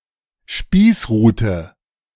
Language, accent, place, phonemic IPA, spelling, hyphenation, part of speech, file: German, Germany, Berlin, /ˈʃpiːsˌʁuːtə/, Spießrute, Spieß‧ru‧te, noun, De-Spießrute.ogg
- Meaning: kind of prod used to punish lansquenets